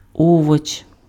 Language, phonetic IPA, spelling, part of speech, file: Ukrainian, [ˈɔwɔt͡ʃ], овоч, noun, Uk-овоч.ogg
- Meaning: vegetable